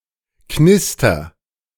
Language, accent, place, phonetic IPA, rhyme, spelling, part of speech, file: German, Germany, Berlin, [ˈknɪstɐ], -ɪstɐ, knister, verb, De-knister.ogg
- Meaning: inflection of knistern: 1. first-person singular present 2. singular imperative